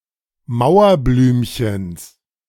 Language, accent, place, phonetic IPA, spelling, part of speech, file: German, Germany, Berlin, [ˈmaʊ̯ɐˌblyːmçəns], Mauerblümchens, noun, De-Mauerblümchens.ogg
- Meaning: genitive singular of Mauerblümchen